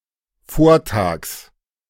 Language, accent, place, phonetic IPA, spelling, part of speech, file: German, Germany, Berlin, [ˈfoːɐ̯ˌtaːks], Vortags, noun, De-Vortags.ogg
- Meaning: genitive singular of Vortag